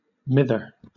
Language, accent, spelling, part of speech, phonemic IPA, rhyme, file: English, Southern England, mither, noun, /ˈmɪðə(ɹ)/, -ɪðə(ɹ), LL-Q1860 (eng)-mither.wav
- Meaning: mother